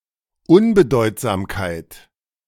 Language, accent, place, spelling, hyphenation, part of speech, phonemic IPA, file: German, Germany, Berlin, Unbedeutsamkeit, Un‧be‧deut‧sam‧keit, noun, /ˈʊnbəˌdɔɪ̯tzaːmkaɪ̯t/, De-Unbedeutsamkeit.ogg
- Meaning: insignificance